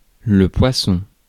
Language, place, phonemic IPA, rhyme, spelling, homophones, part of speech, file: French, Paris, /pwa.sɔ̃/, -ɔ̃, poisson, poissons, noun, Fr-poisson.ogg
- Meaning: fish (marine animal)